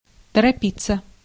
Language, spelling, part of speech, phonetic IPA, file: Russian, торопиться, verb, [tərɐˈpʲit͡sːə], Ru-торопиться.ogg
- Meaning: 1. to hurry, to be in a hurry, to hasten 2. passive of торопи́ть (toropítʹ)